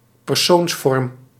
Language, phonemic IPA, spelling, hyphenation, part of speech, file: Dutch, /pɛrˈsoːnsˌfɔrm/, persoonsvorm, per‧soons‧vorm, noun, Nl-persoonsvorm.ogg
- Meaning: finite verb